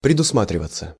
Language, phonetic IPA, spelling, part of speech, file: Russian, [prʲɪdʊsˈmatrʲɪvət͡sə], предусматриваться, verb, Ru-предусматриваться.ogg
- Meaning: passive of предусма́тривать (predusmátrivatʹ)